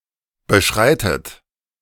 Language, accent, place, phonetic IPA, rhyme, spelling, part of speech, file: German, Germany, Berlin, [bəˈʃʁaɪ̯tət], -aɪ̯tət, beschreitet, verb, De-beschreitet.ogg
- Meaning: inflection of beschreiten: 1. third-person singular present 2. second-person plural present 3. second-person plural subjunctive I 4. plural imperative